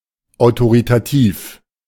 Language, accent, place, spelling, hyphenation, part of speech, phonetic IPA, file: German, Germany, Berlin, autoritativ, au‧to‧ri‧ta‧tiv, adjective, [aʊ̯toʁiˈtaˈtiːf], De-autoritativ.ogg
- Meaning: authoritative